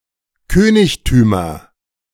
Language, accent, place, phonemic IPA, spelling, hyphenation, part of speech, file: German, Germany, Berlin, /ˈkøːnɪçtyːmɐ/, Königtümer, Kö‧nig‧tü‧mer, noun, De-Königtümer.ogg
- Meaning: nominative/accusative/genitive plural of Königtum